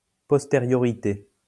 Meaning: posteriority
- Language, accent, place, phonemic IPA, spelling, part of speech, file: French, France, Lyon, /pɔs.te.ʁjɔ.ʁi.te/, postériorité, noun, LL-Q150 (fra)-postériorité.wav